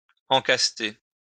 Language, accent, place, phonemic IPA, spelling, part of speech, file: French, France, Lyon, /ɑ̃.kas.te/, encaster, verb, LL-Q150 (fra)-encaster.wav
- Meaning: to put a pottery in front of a stove in a saggar